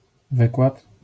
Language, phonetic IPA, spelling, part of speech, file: Polish, [ˈvɨkwat], wykład, noun, LL-Q809 (pol)-wykład.wav